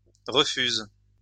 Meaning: inflection of refuser: 1. first/third-person singular present indicative/subjunctive 2. second-person singular imperative
- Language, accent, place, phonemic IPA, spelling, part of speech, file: French, France, Lyon, /ʁə.fyz/, refuse, verb, LL-Q150 (fra)-refuse.wav